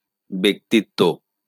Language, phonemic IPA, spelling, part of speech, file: Bengali, /bek.tit.to/, ব্যক্তিত্ব, noun, LL-Q9610 (ben)-ব্যক্তিত্ব.wav
- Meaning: personality